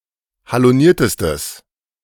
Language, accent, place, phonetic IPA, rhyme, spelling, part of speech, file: German, Germany, Berlin, [haloˈniːɐ̯təstəs], -iːɐ̯təstəs, haloniertestes, adjective, De-haloniertestes.ogg
- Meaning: strong/mixed nominative/accusative neuter singular superlative degree of haloniert